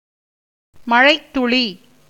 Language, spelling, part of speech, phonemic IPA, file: Tamil, மழைத்துளி, noun, /mɐɻɐɪ̯t̪ːʊɭiː/, Ta-மழைத்துளி.ogg
- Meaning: raindrop